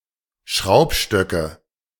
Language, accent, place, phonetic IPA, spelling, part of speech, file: German, Germany, Berlin, [ˈʃʁaʊ̯pˌʃtœkə], Schraubstöcke, noun, De-Schraubstöcke.ogg
- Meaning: nominative/accusative/genitive plural of Schraubstock